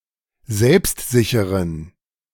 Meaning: inflection of selbstsicher: 1. strong genitive masculine/neuter singular 2. weak/mixed genitive/dative all-gender singular 3. strong/weak/mixed accusative masculine singular 4. strong dative plural
- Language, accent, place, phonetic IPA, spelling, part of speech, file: German, Germany, Berlin, [ˈzɛlpstˌzɪçəʁən], selbstsicheren, adjective, De-selbstsicheren.ogg